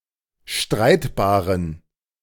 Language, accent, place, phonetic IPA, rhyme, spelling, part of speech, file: German, Germany, Berlin, [ˈʃtʁaɪ̯tbaːʁən], -aɪ̯tbaːʁən, streitbaren, adjective, De-streitbaren.ogg
- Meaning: inflection of streitbar: 1. strong genitive masculine/neuter singular 2. weak/mixed genitive/dative all-gender singular 3. strong/weak/mixed accusative masculine singular 4. strong dative plural